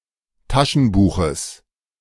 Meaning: genitive singular of Taschenbuch
- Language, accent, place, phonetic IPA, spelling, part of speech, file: German, Germany, Berlin, [ˈtaʃn̩ˌbuːxəs], Taschenbuches, noun, De-Taschenbuches.ogg